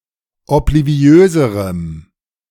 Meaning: strong dative masculine/neuter singular comparative degree of obliviös
- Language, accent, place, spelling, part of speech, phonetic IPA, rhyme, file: German, Germany, Berlin, obliviöserem, adjective, [ɔpliˈvi̯øːzəʁəm], -øːzəʁəm, De-obliviöserem.ogg